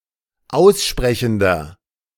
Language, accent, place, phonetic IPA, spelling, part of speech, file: German, Germany, Berlin, [ˈaʊ̯sˌʃpʁɛçn̩dɐ], aussprechender, adjective, De-aussprechender.ogg
- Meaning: inflection of aussprechend: 1. strong/mixed nominative masculine singular 2. strong genitive/dative feminine singular 3. strong genitive plural